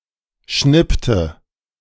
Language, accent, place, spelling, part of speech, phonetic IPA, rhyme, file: German, Germany, Berlin, schnippte, verb, [ˈʃnɪptə], -ɪptə, De-schnippte.ogg
- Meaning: inflection of schnippen: 1. first/third-person singular preterite 2. first/third-person singular subjunctive II